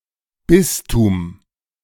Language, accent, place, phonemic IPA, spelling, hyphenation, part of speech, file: German, Germany, Berlin, /ˈbɪstuːm/, Bistum, Bis‧tum, noun, De-Bistum.ogg
- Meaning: bishopric